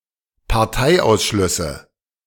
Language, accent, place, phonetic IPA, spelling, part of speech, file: German, Germany, Berlin, [paʁˈtaɪ̯ʔaʊ̯sˌʃlʏsə], Parteiausschlüsse, noun, De-Parteiausschlüsse.ogg
- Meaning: nominative/accusative/genitive plural of Parteiausschluss